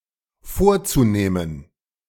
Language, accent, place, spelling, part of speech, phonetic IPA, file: German, Germany, Berlin, vorzunehmen, verb, [ˈfoːɐ̯t͡suˌneːmən], De-vorzunehmen.ogg
- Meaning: zu-infinitive of vornehmen